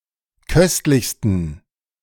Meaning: 1. superlative degree of köstlich 2. inflection of köstlich: strong genitive masculine/neuter singular superlative degree
- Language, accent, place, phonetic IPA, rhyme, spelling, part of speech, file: German, Germany, Berlin, [ˈkœstlɪçstn̩], -œstlɪçstn̩, köstlichsten, adjective, De-köstlichsten.ogg